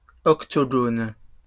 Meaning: plural of octogone
- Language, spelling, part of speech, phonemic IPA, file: French, octogones, noun, /ɔk.tɔ.ɡɔn/, LL-Q150 (fra)-octogones.wav